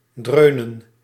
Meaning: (verb) to boom, rumble; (noun) plural of dreun
- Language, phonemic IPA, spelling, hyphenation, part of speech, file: Dutch, /ˈdrøːnə(n)/, dreunen, dreu‧nen, verb / noun, Nl-dreunen.ogg